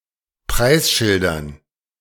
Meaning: dative plural of Preisschild
- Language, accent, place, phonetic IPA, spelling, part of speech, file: German, Germany, Berlin, [ˈpʁaɪ̯sˌʃɪldɐn], Preisschildern, noun, De-Preisschildern.ogg